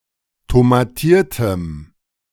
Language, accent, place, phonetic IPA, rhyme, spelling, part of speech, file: German, Germany, Berlin, [tomaˈtiːɐ̯təm], -iːɐ̯təm, tomatiertem, adjective, De-tomatiertem.ogg
- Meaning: strong dative masculine/neuter singular of tomatiert